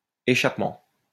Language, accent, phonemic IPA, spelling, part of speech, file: French, France, /e.ʃap.mɑ̃/, échappement, noun, LL-Q150 (fra)-échappement.wav
- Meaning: 1. escape 2. escapement 3. exhaust pipe (of a vehicle)